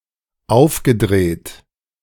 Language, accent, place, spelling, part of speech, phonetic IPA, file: German, Germany, Berlin, aufgedreht, verb, [ˈaʊ̯fɡəˌdʁeːt], De-aufgedreht.ogg
- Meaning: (verb) past participle of aufdrehen (“to turn on”); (adjective) giddy, excited